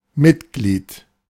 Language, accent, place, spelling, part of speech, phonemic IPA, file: German, Germany, Berlin, Mitglied, noun, /ˈmɪtˌɡliːt/, De-Mitglied.ogg
- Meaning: member